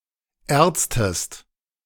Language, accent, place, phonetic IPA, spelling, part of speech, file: German, Germany, Berlin, [ˈeːɐ̯t͡stəst], erztest, verb, De-erztest.ogg
- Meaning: inflection of erzen: 1. second-person singular preterite 2. second-person singular subjunctive II